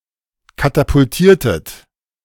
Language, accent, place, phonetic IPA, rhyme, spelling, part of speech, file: German, Germany, Berlin, [katapʊlˈtiːɐ̯tət], -iːɐ̯tət, katapultiertet, verb, De-katapultiertet.ogg
- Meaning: inflection of katapultieren: 1. second-person plural preterite 2. second-person plural subjunctive II